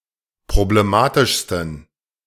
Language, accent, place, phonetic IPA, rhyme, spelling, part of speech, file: German, Germany, Berlin, [pʁobleˈmaːtɪʃstn̩], -aːtɪʃstn̩, problematischsten, adjective, De-problematischsten.ogg
- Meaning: 1. superlative degree of problematisch 2. inflection of problematisch: strong genitive masculine/neuter singular superlative degree